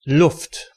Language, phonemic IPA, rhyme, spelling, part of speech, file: German, /lʊft/, -ʊft, Luft, noun, De-Luft.ogg
- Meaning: 1. air, atmosphere 2. breeze, zephyr, breath